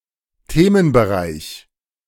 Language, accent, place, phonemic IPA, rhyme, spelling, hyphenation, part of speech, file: German, Germany, Berlin, /ˈteːmənbəˌʁaɪ̯ç/, -aɪ̯ç, Themenbereich, The‧men‧be‧reich, noun, De-Themenbereich.ogg
- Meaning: subject area